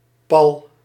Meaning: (noun) catch (mechanism which stops something from moving the wrong way); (adverb) 1. firm, firmly 2. right, immediately
- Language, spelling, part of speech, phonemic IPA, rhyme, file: Dutch, pal, noun / adverb, /pɑl/, -ɑl, Nl-pal.ogg